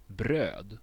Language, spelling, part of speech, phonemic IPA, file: Swedish, bröd, noun, /brøː(d)/, Sv-bröd.ogg
- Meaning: bread